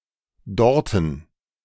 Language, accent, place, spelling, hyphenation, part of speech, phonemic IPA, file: German, Germany, Berlin, dorten, dor‧ten, adverb, /ˈdɔʁtn̩/, De-dorten.ogg
- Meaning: there